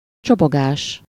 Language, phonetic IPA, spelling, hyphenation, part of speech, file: Hungarian, [ˈt͡ʃoboɡaːʃ], csobogás, cso‧bo‧gás, noun, Hu-csobogás.ogg
- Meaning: babble (the sound of flowing water)